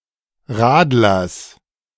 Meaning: genitive singular of Radler
- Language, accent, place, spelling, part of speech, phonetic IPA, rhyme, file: German, Germany, Berlin, Radlers, noun, [ˈʁaːdlɐs], -aːdlɐs, De-Radlers.ogg